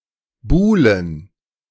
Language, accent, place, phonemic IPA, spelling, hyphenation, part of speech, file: German, Germany, Berlin, /ˈbuːlən/, buhlen, buh‧len, verb, De-buhlen.ogg
- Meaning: 1. to court, to woo 2. to have an affair, to be engaged in a dalliance